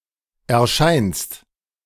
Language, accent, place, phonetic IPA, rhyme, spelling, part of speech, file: German, Germany, Berlin, [ɛɐ̯ˈʃaɪ̯nst], -aɪ̯nst, erscheinst, verb, De-erscheinst.ogg
- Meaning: second-person singular present of erscheinen